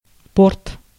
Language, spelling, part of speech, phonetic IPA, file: Russian, порт, noun, [port], Ru-порт.ogg
- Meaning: 1. port, harbor 2. port